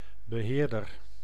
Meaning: manager, warden, administrator, curator, steward
- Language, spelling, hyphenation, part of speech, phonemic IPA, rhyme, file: Dutch, beheerder, be‧heer‧der, noun, /bəˈɦeːr.dər/, -eːrdər, Nl-beheerder.ogg